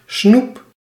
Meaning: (noun) sweets, candy; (verb) inflection of snoepen: 1. first-person singular present indicative 2. second-person singular present indicative 3. imperative
- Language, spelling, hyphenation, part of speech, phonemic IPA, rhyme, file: Dutch, snoep, snoep, noun / verb, /snup/, -up, Nl-snoep.ogg